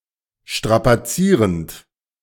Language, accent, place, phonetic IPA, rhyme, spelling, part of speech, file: German, Germany, Berlin, [ˌʃtʁapaˈt͡siːʁənt], -iːʁənt, strapazierend, verb, De-strapazierend.ogg
- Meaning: present participle of strapazieren